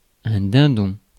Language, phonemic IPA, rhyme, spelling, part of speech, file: French, /dɛ̃.dɔ̃/, -ɔ̃, dindon, noun, Fr-dindon.ogg
- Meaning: turkey cock (male turkey)